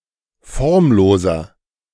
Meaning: 1. comparative degree of formlos 2. inflection of formlos: strong/mixed nominative masculine singular 3. inflection of formlos: strong genitive/dative feminine singular
- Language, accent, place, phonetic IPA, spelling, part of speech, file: German, Germany, Berlin, [ˈfɔʁmˌloːzɐ], formloser, adjective, De-formloser.ogg